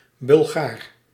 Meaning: Bulgar, Bulgarian (person)
- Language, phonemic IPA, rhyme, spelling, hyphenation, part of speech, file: Dutch, /bʏlˈɣaːr/, -aːr, Bulgaar, Bul‧gaar, noun, Nl-Bulgaar.ogg